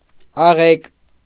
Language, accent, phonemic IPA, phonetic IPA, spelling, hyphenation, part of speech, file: Armenian, Eastern Armenian, /ɑˈʁek/, [ɑʁék], աղեկ, ա‧ղեկ, adjective / adverb, Hy-աղեկ.ogg
- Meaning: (adjective) good; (adverb) well